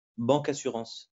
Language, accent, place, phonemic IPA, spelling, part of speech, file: French, France, Lyon, /bɑ̃.ka.sy.ʁɑ̃s/, bancassurance, noun, LL-Q150 (fra)-bancassurance.wav
- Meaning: a banking and insurance structure in which insurance is sold through the bank or the bank's distribution channels